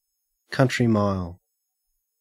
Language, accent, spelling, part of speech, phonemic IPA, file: English, Australia, country mile, noun, /ˌkʌntɹi ˈmaɪl/, En-au-country mile.ogg
- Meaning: A long way, a great distance